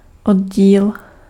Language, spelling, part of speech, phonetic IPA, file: Czech, oddíl, noun, [ˈodɟiːl], Cs-oddíl.ogg
- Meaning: 1. troop (of scout girls and boys) 2. partition (of a hard drive) 3. section (of a document)